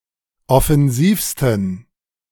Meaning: 1. superlative degree of offensiv 2. inflection of offensiv: strong genitive masculine/neuter singular superlative degree
- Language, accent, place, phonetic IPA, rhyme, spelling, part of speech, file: German, Germany, Berlin, [ɔfɛnˈziːfstn̩], -iːfstn̩, offensivsten, adjective, De-offensivsten.ogg